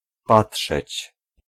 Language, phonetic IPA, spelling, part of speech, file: Polish, [ˈpaṭʃɛt͡ɕ], patrzeć, verb, Pl-patrzeć.ogg